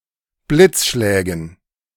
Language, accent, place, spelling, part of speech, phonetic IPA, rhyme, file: German, Germany, Berlin, Blitzschlägen, noun, [ˈblɪt͡sˌʃlɛːɡn̩], -ɪt͡sʃlɛːɡn̩, De-Blitzschlägen.ogg
- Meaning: dative plural of Blitzschlag